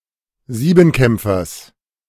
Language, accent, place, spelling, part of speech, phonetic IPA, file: German, Germany, Berlin, Siebenkämpfers, noun, [ˈziːbm̩ˌkɛmp͡fɐs], De-Siebenkämpfers.ogg
- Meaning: genitive singular of Siebenkämpfer